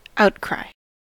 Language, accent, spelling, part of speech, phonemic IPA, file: English, US, outcry, noun, /ˈaʊtkɹaɪ/, En-us-outcry.ogg
- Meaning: 1. A loud cry or uproar 2. A strong protest 3. An auction